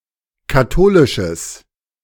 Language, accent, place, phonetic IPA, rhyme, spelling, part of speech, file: German, Germany, Berlin, [kaˈtoːlɪʃəs], -oːlɪʃəs, katholisches, adjective, De-katholisches.ogg
- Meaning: strong/mixed nominative/accusative neuter singular of katholisch